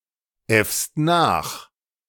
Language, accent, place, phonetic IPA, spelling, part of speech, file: German, Germany, Berlin, [ˌɛfst ˈnaːx], äffst nach, verb, De-äffst nach.ogg
- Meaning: second-person singular present of nachäffen